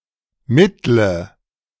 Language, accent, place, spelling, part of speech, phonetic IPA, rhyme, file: German, Germany, Berlin, mittle, adjective / verb, [ˈmɪtlə], -ɪtlə, De-mittle.ogg
- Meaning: inflection of mittel: 1. strong/mixed nominative/accusative feminine singular 2. strong nominative/accusative plural 3. weak nominative all-gender singular 4. weak accusative feminine/neuter singular